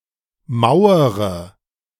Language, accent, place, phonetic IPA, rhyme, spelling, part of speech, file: German, Germany, Berlin, [ˈmaʊ̯əʁə], -aʊ̯əʁə, mauere, adjective / verb, De-mauere.ogg
- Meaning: inflection of mauern: 1. first-person singular present 2. first-person plural subjunctive I 3. third-person singular subjunctive I 4. singular imperative